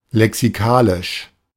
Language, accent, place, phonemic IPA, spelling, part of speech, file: German, Germany, Berlin, /lɛksiˈkaːlɪʃ/, lexikalisch, adjective, De-lexikalisch.ogg
- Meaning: lexical